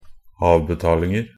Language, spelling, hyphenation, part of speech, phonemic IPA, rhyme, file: Norwegian Bokmål, avbetalinger, av‧be‧tal‧ing‧er, noun, /ˈɑːʋbɛtɑːlɪŋər/, -ər, Nb-avbetalinger.ogg
- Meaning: indefinite plural of avbetaling